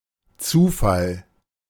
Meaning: 1. chance, coincidence, randomness 2. synonym of Anfall (“fit; seizure”)
- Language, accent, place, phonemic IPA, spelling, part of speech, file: German, Germany, Berlin, /ˈt͡suːˌfal/, Zufall, noun, De-Zufall.ogg